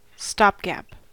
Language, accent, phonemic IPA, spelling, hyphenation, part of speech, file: English, General American, /ˈstɑpˌɡæp/, stopgap, stop‧gap, noun / adjective / verb, En-us-stopgap.ogg
- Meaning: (noun) 1. That which stops up or fills a gap or hole 2. Something spoken to fill up an uncomfortable pause in speech; a filled pause or filler